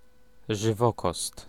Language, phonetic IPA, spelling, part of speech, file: Polish, [ʒɨˈvɔkɔst], żywokost, noun, Pl-żywokost.ogg